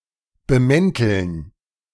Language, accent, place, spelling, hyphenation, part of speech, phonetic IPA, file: German, Germany, Berlin, bemänteln, be‧män‧teln, verb, [bəˈmɛntl̩n], De-bemänteln.ogg
- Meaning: to disguise, cover up